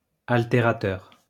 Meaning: alterative
- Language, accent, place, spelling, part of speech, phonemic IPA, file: French, France, Lyon, altérateur, adjective, /al.te.ʁa.tœʁ/, LL-Q150 (fra)-altérateur.wav